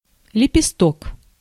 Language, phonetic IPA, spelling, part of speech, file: Russian, [lʲɪpʲɪˈstok], лепесток, noun, Ru-лепесток.ogg
- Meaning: 1. petal (one of the component parts of the corolla of a flower) 2. lobe (an identifiable segment of an antenna radiation pattern)